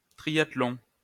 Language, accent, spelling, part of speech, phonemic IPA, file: French, France, triathlon, noun, /tʁi.jat.lɔ̃/, LL-Q150 (fra)-triathlon.wav
- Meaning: triathlon